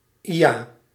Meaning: hee-haw
- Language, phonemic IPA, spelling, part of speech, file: Dutch, /ˈija/, ia, interjection / verb, Nl-ia.ogg